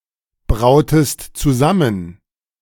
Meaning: inflection of zusammenbrauen: 1. second-person singular preterite 2. second-person singular subjunctive II
- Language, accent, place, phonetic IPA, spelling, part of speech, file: German, Germany, Berlin, [ˌbʁaʊ̯təst t͡suˈzamən], brautest zusammen, verb, De-brautest zusammen.ogg